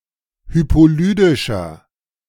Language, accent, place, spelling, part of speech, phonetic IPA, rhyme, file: German, Germany, Berlin, hypolydischer, adjective, [ˌhypoˈlyːdɪʃɐ], -yːdɪʃɐ, De-hypolydischer.ogg
- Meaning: inflection of hypolydisch: 1. strong/mixed nominative masculine singular 2. strong genitive/dative feminine singular 3. strong genitive plural